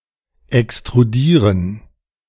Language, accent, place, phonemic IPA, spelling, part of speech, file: German, Germany, Berlin, /ɛkstʁuˈdiːʁən/, extrudieren, verb, De-extrudieren.ogg
- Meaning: to extrude